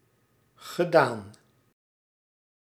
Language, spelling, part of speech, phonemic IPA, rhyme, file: Dutch, gedaan, verb, /ɣəˈdaːn/, -aːn, Nl-gedaan.ogg
- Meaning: past participle of doen